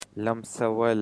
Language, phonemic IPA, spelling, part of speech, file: Pashto, /ləmˈsəˈwəl/, لمسول, verb, Lamsawal.ogg
- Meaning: to instigate